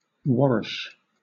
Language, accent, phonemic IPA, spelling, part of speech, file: English, Southern England, /ˈwɒɹɪʃ/, warish, verb, LL-Q1860 (eng)-warish.wav
- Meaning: 1. To cure or heal (an illness or a person) 2. To get better; to recover from an illness